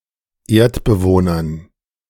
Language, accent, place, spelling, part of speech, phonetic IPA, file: German, Germany, Berlin, Erdbewohnern, noun, [ˈeːɐ̯tbəˌvoːnɐn], De-Erdbewohnern.ogg
- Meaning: dative plural of Erdbewohner